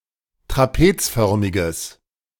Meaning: strong/mixed nominative/accusative neuter singular of trapezförmig
- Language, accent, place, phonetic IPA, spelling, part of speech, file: German, Germany, Berlin, [tʁaˈpeːt͡sˌfœʁmɪɡəs], trapezförmiges, adjective, De-trapezförmiges.ogg